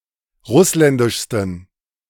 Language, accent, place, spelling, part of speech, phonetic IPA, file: German, Germany, Berlin, russländischsten, adjective, [ˈʁʊslɛndɪʃstn̩], De-russländischsten.ogg
- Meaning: 1. superlative degree of russländisch 2. inflection of russländisch: strong genitive masculine/neuter singular superlative degree